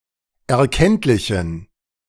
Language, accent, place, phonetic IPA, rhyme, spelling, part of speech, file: German, Germany, Berlin, [ɛɐ̯ˈkɛntlɪçn̩], -ɛntlɪçn̩, erkenntlichen, adjective, De-erkenntlichen.ogg
- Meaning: inflection of erkenntlich: 1. strong genitive masculine/neuter singular 2. weak/mixed genitive/dative all-gender singular 3. strong/weak/mixed accusative masculine singular 4. strong dative plural